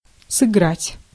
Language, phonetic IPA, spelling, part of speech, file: Russian, [sɨˈɡratʲ], сыграть, verb, Ru-сыграть.ogg
- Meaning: 1. to play 2. to act, to perform 3. to gamble 4. to rage 5. to sparkle